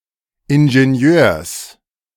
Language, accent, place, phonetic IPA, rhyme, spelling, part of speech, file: German, Germany, Berlin, [ɪnʒeˈni̯øːɐ̯s], -øːɐ̯s, Ingenieurs, noun, De-Ingenieurs.ogg
- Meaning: genitive singular of Ingenieur